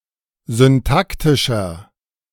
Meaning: inflection of syntaktisch: 1. strong/mixed nominative masculine singular 2. strong genitive/dative feminine singular 3. strong genitive plural
- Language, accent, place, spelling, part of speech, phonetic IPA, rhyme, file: German, Germany, Berlin, syntaktischer, adjective, [zʏnˈtaktɪʃɐ], -aktɪʃɐ, De-syntaktischer.ogg